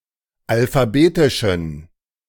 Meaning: inflection of alphabetisch: 1. strong genitive masculine/neuter singular 2. weak/mixed genitive/dative all-gender singular 3. strong/weak/mixed accusative masculine singular 4. strong dative plural
- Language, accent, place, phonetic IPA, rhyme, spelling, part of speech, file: German, Germany, Berlin, [alfaˈbeːtɪʃn̩], -eːtɪʃn̩, alphabetischen, adjective, De-alphabetischen.ogg